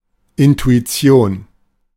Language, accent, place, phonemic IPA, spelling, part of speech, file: German, Germany, Berlin, /ʔɪntuiˈtsi̯oːn/, Intuition, noun, De-Intuition.ogg
- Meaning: intuition